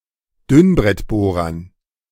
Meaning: dative plural of Dünnbrettbohrer
- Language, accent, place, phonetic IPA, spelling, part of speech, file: German, Germany, Berlin, [ˈdʏnbʁɛtˌboːʁɐn], Dünnbrettbohrern, noun, De-Dünnbrettbohrern.ogg